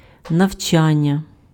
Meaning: 1. teaching, instruction 2. studying, learning 3. apprenticeship
- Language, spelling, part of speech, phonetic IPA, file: Ukrainian, навчання, noun, [nɐu̯ˈt͡ʃanʲːɐ], Uk-навчання.ogg